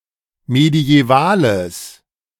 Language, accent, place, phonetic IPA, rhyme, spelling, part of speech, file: German, Germany, Berlin, [medi̯ɛˈvaːləs], -aːləs, mediävales, adjective, De-mediävales.ogg
- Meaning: strong/mixed nominative/accusative neuter singular of mediäval